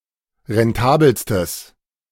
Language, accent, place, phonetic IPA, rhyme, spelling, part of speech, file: German, Germany, Berlin, [ʁɛnˈtaːbl̩stəs], -aːbl̩stəs, rentabelstes, adjective, De-rentabelstes.ogg
- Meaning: strong/mixed nominative/accusative neuter singular superlative degree of rentabel